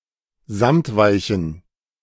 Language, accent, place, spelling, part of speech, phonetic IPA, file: German, Germany, Berlin, samtweichen, adjective, [ˈzamtˌvaɪ̯çn̩], De-samtweichen.ogg
- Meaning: inflection of samtweich: 1. strong genitive masculine/neuter singular 2. weak/mixed genitive/dative all-gender singular 3. strong/weak/mixed accusative masculine singular 4. strong dative plural